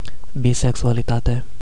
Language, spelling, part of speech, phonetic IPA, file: Romanian, bisexualitate, noun, [biseksualiˈtate], Ro-bisexualitate.ogg
- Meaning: bisexuality